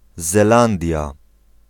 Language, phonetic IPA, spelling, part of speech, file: Polish, [zɛˈlãndʲja], Zelandia, proper noun, Pl-Zelandia.ogg